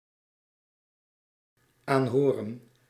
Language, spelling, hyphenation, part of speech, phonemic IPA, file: Dutch, aanhoren, aan‧ho‧ren, verb, /ˈaːnɦoːrə(n)/, Nl-aanhoren.ogg
- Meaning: 1. to listen to 2. to listen carefully to